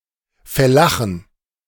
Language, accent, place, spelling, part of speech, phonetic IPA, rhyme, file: German, Germany, Berlin, Fellachen, noun, [fɛˈlaxn̩], -axn̩, De-Fellachen.ogg
- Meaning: 1. plural of Fellache 2. genitive singular of Fellache